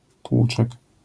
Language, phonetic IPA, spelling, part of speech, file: Polish, [ˈtwut͡ʃɛk], tłuczek, noun, LL-Q809 (pol)-tłuczek.wav